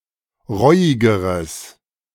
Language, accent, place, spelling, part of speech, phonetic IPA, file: German, Germany, Berlin, reuigeres, adjective, [ˈʁɔɪ̯ɪɡəʁəs], De-reuigeres.ogg
- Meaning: strong/mixed nominative/accusative neuter singular comparative degree of reuig